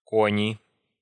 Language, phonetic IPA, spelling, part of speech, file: Russian, [ˈkonʲɪ], кони, noun, Ru-кони.ogg
- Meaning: nominative plural of конь (konʹ)